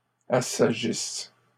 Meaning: second-person singular present/imperfect subjunctive of assagir
- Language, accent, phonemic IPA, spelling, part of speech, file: French, Canada, /a.sa.ʒis/, assagisses, verb, LL-Q150 (fra)-assagisses.wav